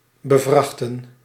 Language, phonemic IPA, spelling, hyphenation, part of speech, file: Dutch, /bəˈvrɑx.tə(n)/, bevrachten, be‧vrach‧ten, verb, Nl-bevrachten.ogg
- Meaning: to load, to burden